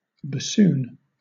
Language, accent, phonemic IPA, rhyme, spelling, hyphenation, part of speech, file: English, Southern England, /bəˈsuːn/, -uːn, bassoon, bas‧soon, noun / verb, LL-Q1860 (eng)-bassoon.wav
- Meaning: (noun) A musical instrument in the woodwind family, having a double reed and playing in the tenor and bass ranges; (verb) 1. To play the bassoon 2. To make a bassoon-like sound